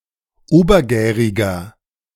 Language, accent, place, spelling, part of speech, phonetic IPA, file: German, Germany, Berlin, obergäriger, adjective, [ˈoːbɐˌɡɛːʁɪɡɐ], De-obergäriger.ogg
- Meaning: inflection of obergärig: 1. strong/mixed nominative masculine singular 2. strong genitive/dative feminine singular 3. strong genitive plural